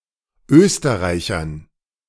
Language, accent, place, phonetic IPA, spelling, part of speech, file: German, Germany, Berlin, [ˈøːstəʁaɪ̯çɐn], Österreichern, noun, De-Österreichern.ogg
- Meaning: dative plural of Österreicher